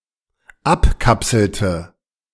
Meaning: inflection of abkapseln: 1. first/third-person singular dependent preterite 2. first/third-person singular dependent subjunctive II
- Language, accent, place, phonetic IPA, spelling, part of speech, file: German, Germany, Berlin, [ˈapˌkapsl̩tə], abkapselte, verb, De-abkapselte.ogg